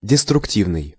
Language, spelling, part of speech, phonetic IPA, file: Russian, деструктивный, adjective, [dʲɪstrʊkˈtʲivnɨj], Ru-деструктивный.ogg
- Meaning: destructive